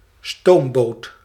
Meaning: steamboat
- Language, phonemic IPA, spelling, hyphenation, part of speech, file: Dutch, /ˈstoːm.boːt/, stoomboot, stoom‧boot, noun, Nl-stoomboot.ogg